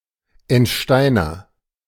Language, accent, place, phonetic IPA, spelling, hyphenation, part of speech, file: German, Germany, Berlin, [ɛntˈʃtaɪ̯nɐ], Entsteiner, Ent‧stei‧ner, noun, De-Entsteiner.ogg
- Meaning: pitter